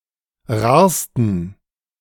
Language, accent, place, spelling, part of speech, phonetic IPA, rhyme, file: German, Germany, Berlin, rarsten, adjective, [ˈʁaːɐ̯stn̩], -aːɐ̯stn̩, De-rarsten.ogg
- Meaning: 1. superlative degree of rar 2. inflection of rar: strong genitive masculine/neuter singular superlative degree 3. inflection of rar: weak/mixed genitive/dative all-gender singular superlative degree